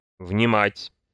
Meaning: to listen (to); to hear; to hark (to); to hearken; to heed, to pay heed
- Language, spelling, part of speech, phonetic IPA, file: Russian, внимать, verb, [vnʲɪˈmatʲ], Ru-внимать.ogg